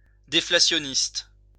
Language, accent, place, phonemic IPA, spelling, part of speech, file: French, France, Lyon, /de.fla.sjɔ.nist/, déflationniste, adjective, LL-Q150 (fra)-déflationniste.wav
- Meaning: deflationary